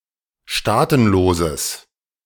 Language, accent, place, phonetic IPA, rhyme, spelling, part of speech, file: German, Germany, Berlin, [ˈʃtaːtn̩loːzəs], -aːtn̩loːzəs, staatenloses, adjective, De-staatenloses.ogg
- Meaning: strong/mixed nominative/accusative neuter singular of staatenlos